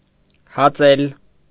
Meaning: to rove, to ramble, to roam, to wander
- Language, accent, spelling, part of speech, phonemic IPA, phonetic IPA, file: Armenian, Eastern Armenian, հածել, verb, /hɑˈt͡sel/, [hɑt͡sél], Hy-հածել.ogg